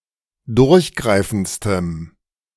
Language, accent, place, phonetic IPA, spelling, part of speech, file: German, Germany, Berlin, [ˈdʊʁçˌɡʁaɪ̯fn̩t͡stəm], durchgreifendstem, adjective, De-durchgreifendstem.ogg
- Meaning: strong dative masculine/neuter singular superlative degree of durchgreifend